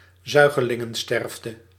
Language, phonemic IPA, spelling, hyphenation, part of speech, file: Dutch, /ˈzœy̯.ɣə.lɪ.ŋə(n)ˌstɛrf.tə/, zuigelingensterfte, zui‧ge‧lin‧gen‧sterf‧te, noun, Nl-zuigelingensterfte.ogg
- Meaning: infant mortality